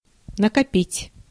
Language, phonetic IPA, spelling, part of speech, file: Russian, [nəkɐˈpʲitʲ], накопить, verb, Ru-накопить.ogg
- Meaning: 1. to accumulate, to gather, to amass, to pile up 2. to stockpile 3. to save up (money) 4. to save up 5. to hide, to conceal (feelings, knowledge, etc.)